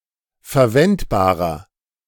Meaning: inflection of verwendbar: 1. strong/mixed nominative masculine singular 2. strong genitive/dative feminine singular 3. strong genitive plural
- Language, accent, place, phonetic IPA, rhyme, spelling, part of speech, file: German, Germany, Berlin, [fɛɐ̯ˈvɛntbaːʁɐ], -ɛntbaːʁɐ, verwendbarer, adjective, De-verwendbarer.ogg